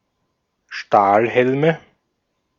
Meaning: nominative/accusative/genitive plural of Stahlhelm
- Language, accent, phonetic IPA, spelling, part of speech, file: German, Austria, [ˈʃtaːlˌhɛlmə], Stahlhelme, noun, De-at-Stahlhelme.ogg